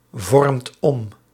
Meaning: inflection of omvormen: 1. second/third-person singular present indicative 2. plural imperative
- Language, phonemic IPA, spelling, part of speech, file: Dutch, /ˈvɔrᵊmt ˈɔm/, vormt om, verb, Nl-vormt om.ogg